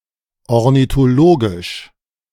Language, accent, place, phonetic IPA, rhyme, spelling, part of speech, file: German, Germany, Berlin, [ɔʁnitoˈloːɡɪʃ], -oːɡɪʃ, ornithologisch, adjective, De-ornithologisch.ogg
- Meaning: ornithological